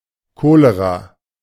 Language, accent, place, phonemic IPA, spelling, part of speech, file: German, Germany, Berlin, /ˈkoːleʁa/, Cholera, noun, De-Cholera.ogg
- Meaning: cholera